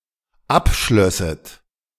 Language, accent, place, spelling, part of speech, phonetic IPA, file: German, Germany, Berlin, abschlösset, verb, [ˈapˌʃlœsət], De-abschlösset.ogg
- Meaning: second-person plural dependent subjunctive II of abschließen